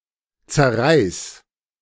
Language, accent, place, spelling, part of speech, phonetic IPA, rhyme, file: German, Germany, Berlin, zerreiß, verb, [t͡sɛɐ̯ˈʁaɪ̯s], -aɪ̯s, De-zerreiß.ogg
- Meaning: singular imperative of zerreißen